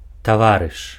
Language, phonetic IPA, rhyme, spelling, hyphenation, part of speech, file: Belarusian, [taˈvarɨʂ], -arɨʂ, таварыш, та‧ва‧рыш, noun, Be-таварыш.ogg
- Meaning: 1. comrade (a person close to someone in common views, activities, living conditions, etc.) 2. tovarish (citizen, person in Soviet society) 3. peer (a person of the same age as someone)